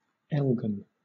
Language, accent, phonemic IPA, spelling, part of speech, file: English, Southern England, /ˈɛlɡən/, Elgan, proper noun, LL-Q1860 (eng)-Elgan.wav
- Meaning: 1. A male given name 2. A surname